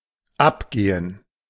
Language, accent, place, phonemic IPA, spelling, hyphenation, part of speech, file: German, Germany, Berlin, /ˈapˌɡeːən/, abgehen, ab‧ge‧hen, verb, De-abgehen.ogg
- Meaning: 1. to come off, to come loose, to wear off 2. to leave (esp. an educational institution; not necessarily by graduating) 3. to exit the stage 4. to go down, to happen